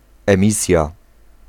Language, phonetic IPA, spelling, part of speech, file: Polish, [ɛ̃ˈmʲisʲja], emisja, noun, Pl-emisja.ogg